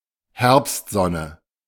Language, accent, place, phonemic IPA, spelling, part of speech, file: German, Germany, Berlin, /ˈhɛɐ̯pstˌzɔnə/, Herbstsonne, noun, De-Herbstsonne.ogg
- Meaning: autumn sun